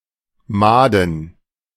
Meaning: plural of Made
- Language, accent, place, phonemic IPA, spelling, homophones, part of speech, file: German, Germany, Berlin, /ˈmaːdən/, Maden, Mahden, noun, De-Maden.ogg